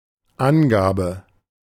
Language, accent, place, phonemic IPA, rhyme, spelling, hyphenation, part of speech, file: German, Germany, Berlin, /ˈanˌɡaːbə/, -aːbə, Angabe, An‧ga‧be, noun, De-Angabe.ogg
- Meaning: verbal noun of angeben: 1. indication, specification, declaration (providing of information) 2. statement, the provided information itself 3. service